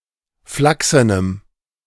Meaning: strong dative masculine/neuter singular of flachsen
- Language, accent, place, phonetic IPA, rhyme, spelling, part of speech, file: German, Germany, Berlin, [ˈflaksənəm], -aksənəm, flachsenem, adjective, De-flachsenem.ogg